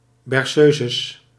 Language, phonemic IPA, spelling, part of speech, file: Dutch, /bɛrˈsøzəs/, berceuses, noun, Nl-berceuses.ogg
- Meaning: plural of berceuse